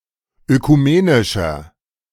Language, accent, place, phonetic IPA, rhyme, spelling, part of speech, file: German, Germany, Berlin, [økuˈmeːnɪʃɐ], -eːnɪʃɐ, ökumenischer, adjective, De-ökumenischer.ogg
- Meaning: inflection of ökumenisch: 1. strong/mixed nominative masculine singular 2. strong genitive/dative feminine singular 3. strong genitive plural